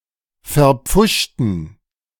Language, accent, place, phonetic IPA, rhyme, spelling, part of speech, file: German, Germany, Berlin, [fɛɐ̯ˈp͡fʊʃtn̩], -ʊʃtn̩, verpfuschten, adjective / verb, De-verpfuschten.ogg
- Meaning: inflection of verpfuscht: 1. strong genitive masculine/neuter singular 2. weak/mixed genitive/dative all-gender singular 3. strong/weak/mixed accusative masculine singular 4. strong dative plural